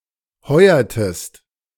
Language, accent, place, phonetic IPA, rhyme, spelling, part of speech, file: German, Germany, Berlin, [ˈhɔɪ̯ɐtəst], -ɔɪ̯ɐtəst, heuertest, verb, De-heuertest.ogg
- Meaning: inflection of heuern: 1. second-person singular preterite 2. second-person singular subjunctive II